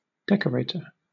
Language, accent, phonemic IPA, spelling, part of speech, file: English, Southern England, /ˈdɛkəˌɹeɪtə(ɹ)/, decorator, noun, LL-Q1860 (eng)-decorator.wav
- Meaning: 1. Someone who decorates 2. Painter and wallpaperer of buildings